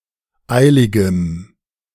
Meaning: strong dative masculine/neuter singular of eilig
- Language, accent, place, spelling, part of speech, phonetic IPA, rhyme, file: German, Germany, Berlin, eiligem, adjective, [ˈaɪ̯lɪɡəm], -aɪ̯lɪɡəm, De-eiligem.ogg